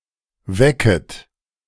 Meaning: second-person plural subjunctive I of wecken
- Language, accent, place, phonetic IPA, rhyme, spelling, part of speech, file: German, Germany, Berlin, [ˈvɛkət], -ɛkət, wecket, verb, De-wecket.ogg